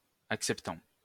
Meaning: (verb) present participle of accepter; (adjective) acceptant
- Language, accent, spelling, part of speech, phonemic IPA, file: French, France, acceptant, verb / adjective, /ak.sɛp.tɑ̃/, LL-Q150 (fra)-acceptant.wav